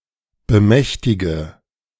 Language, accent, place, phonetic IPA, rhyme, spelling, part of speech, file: German, Germany, Berlin, [bəˈmɛçtɪɡə], -ɛçtɪɡə, bemächtige, verb, De-bemächtige.ogg
- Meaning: inflection of bemächtigen: 1. first-person singular present 2. first/third-person singular subjunctive I 3. singular imperative